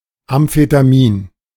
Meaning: amphetamine
- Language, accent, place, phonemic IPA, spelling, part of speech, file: German, Germany, Berlin, /amfetaˈmiːn/, Amphetamin, noun, De-Amphetamin.ogg